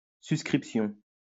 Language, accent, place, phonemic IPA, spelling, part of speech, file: French, France, Lyon, /sys.kʁip.sjɔ̃/, suscription, noun, LL-Q150 (fra)-suscription.wav
- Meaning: superscription